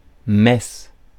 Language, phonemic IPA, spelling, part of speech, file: French, /mɛs/, messe, noun, Fr-messe.ogg
- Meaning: Mass (church service)